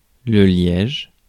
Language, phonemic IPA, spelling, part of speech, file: French, /ljɛʒ/, liège, noun, Fr-liège.ogg
- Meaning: cork (dead protective tissue between the bark and cambium in woody plants, with suberin deposits making it impervious to gasses and water)